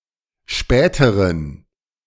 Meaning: inflection of spät: 1. strong genitive masculine/neuter singular comparative degree 2. weak/mixed genitive/dative all-gender singular comparative degree
- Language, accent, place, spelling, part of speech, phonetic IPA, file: German, Germany, Berlin, späteren, adjective, [ˈʃpɛːtəʁən], De-späteren.ogg